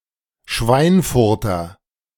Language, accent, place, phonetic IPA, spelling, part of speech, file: German, Germany, Berlin, [ˈʃvaɪ̯nˌfʊʁtɐ], Schweinfurter, noun, De-Schweinfurter.ogg
- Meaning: native or inhabitant of Schweinfurt